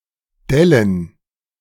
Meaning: plural of Delle
- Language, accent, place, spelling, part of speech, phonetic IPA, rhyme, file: German, Germany, Berlin, Dellen, proper noun / noun, [ˈdɛlən], -ɛlən, De-Dellen.ogg